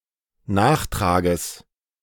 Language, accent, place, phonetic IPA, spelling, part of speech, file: German, Germany, Berlin, [ˈnaːxˌtʁaːɡəs], Nachtrages, noun, De-Nachtrages.ogg
- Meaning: genitive singular of Nachtrag